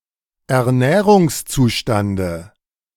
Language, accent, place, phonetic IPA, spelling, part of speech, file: German, Germany, Berlin, [ɛɐ̯ˈnɛːʁʊŋsˌt͡suːʃtandə], Ernährungszustande, noun, De-Ernährungszustande.ogg
- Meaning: dative of Ernährungszustand